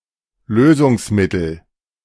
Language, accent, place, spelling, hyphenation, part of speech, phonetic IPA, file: German, Germany, Berlin, Lösungsmittel, Lö‧sungs‧mit‧tel, noun, [ˈløːzʊŋsˌmɪtl̩], De-Lösungsmittel.ogg
- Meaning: solvent